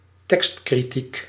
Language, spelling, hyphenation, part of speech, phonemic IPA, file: Dutch, tekstkritiek, tekst‧kri‧tiek, noun, /ˈtɛkst.kriˌtik/, Nl-tekstkritiek.ogg
- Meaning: textual criticism